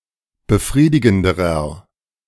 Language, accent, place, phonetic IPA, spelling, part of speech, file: German, Germany, Berlin, [bəˈfʁiːdɪɡn̩dəʁɐ], befriedigenderer, adjective, De-befriedigenderer.ogg
- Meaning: inflection of befriedigend: 1. strong/mixed nominative masculine singular comparative degree 2. strong genitive/dative feminine singular comparative degree 3. strong genitive plural comparative degree